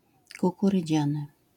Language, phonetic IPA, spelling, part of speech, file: Polish, [ˌkukurɨˈd͡ʑãnɨ], kukurydziany, adjective, LL-Q809 (pol)-kukurydziany.wav